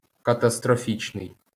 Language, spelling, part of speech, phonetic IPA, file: Ukrainian, катастрофічний, adjective, [kɐtɐstroˈfʲit͡ʃnei̯], LL-Q8798 (ukr)-катастрофічний.wav
- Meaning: catastrophic